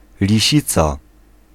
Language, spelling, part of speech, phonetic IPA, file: Polish, lisica, noun, [lʲiˈɕit͡sa], Pl-lisica.ogg